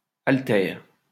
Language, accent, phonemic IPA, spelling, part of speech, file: French, France, /al.tɛʁ/, altère, verb, LL-Q150 (fra)-altère.wav
- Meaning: inflection of altérer: 1. first/third-person singular present indicative/subjunctive 2. second-person singular imperative